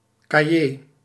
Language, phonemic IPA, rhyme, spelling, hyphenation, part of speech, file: Dutch, /kaːˈjeː/, -eː, cahier, ca‧hier, noun, Nl-cahier.ogg
- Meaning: 1. notebook, writing pad 2. folder 3. magazine, proceeding, journal